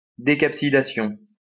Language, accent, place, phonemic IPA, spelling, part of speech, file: French, France, Lyon, /de.kap.si.da.sjɔ̃/, décapsidation, noun, LL-Q150 (fra)-décapsidation.wav
- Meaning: decapsidation